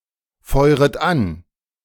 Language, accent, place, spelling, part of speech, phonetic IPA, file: German, Germany, Berlin, feuret ab, verb, [ˌfɔɪ̯ʁət ˈap], De-feuret ab.ogg
- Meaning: second-person plural subjunctive I of abfeuern